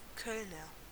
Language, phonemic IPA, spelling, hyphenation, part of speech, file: German, /ˈkœlnɐ/, Kölner, Köl‧ner, noun / adjective, De-Kölner.ogg
- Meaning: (noun) inhabitant or native of Cologne; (adjective) of Cologne